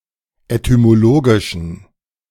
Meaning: inflection of etymologisch: 1. strong genitive masculine/neuter singular 2. weak/mixed genitive/dative all-gender singular 3. strong/weak/mixed accusative masculine singular 4. strong dative plural
- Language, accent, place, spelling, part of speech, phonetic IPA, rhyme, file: German, Germany, Berlin, etymologischen, adjective, [etymoˈloːɡɪʃn̩], -oːɡɪʃn̩, De-etymologischen.ogg